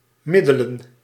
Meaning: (verb) 1. to take the average of 2. to mediate; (noun) plural of middel
- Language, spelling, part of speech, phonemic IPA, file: Dutch, middelen, verb / noun, /ˈmɪdələ(n)/, Nl-middelen.ogg